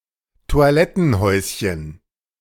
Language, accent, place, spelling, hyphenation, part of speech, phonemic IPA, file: German, Germany, Berlin, Toilettenhäuschen, Toi‧let‧ten‧häus‧chen, noun, /to̯aˈlɛtn̩ˌhɔɪ̯sçən/, De-Toilettenhäuschen.ogg
- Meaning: outhouse (toilet)